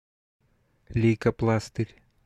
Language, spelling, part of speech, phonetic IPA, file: Russian, лейкопластырь, noun, [ˌlʲejkɐˈpɫastɨrʲ], Ru-лейкопластырь.ogg
- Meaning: plaster, band-aid